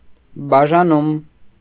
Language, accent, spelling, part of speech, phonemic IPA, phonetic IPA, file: Armenian, Eastern Armenian, բաժանում, noun, /bɑʒɑˈnum/, [bɑʒɑnúm], Hy-բաժանում.ogg
- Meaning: 1. parting, dividing, division 2. division, part 3. point (on a scale) 4. division 5. divorce